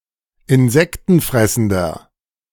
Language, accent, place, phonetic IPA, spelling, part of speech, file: German, Germany, Berlin, [ɪnˈzɛktn̩ˌfʁɛsn̩dɐ], insektenfressender, adjective, De-insektenfressender.ogg
- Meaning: inflection of insektenfressend: 1. strong/mixed nominative masculine singular 2. strong genitive/dative feminine singular 3. strong genitive plural